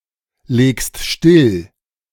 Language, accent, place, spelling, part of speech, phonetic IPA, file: German, Germany, Berlin, legst still, verb, [ˌleːkst ˈʃtɪl], De-legst still.ogg
- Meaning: second-person singular present of stilllegen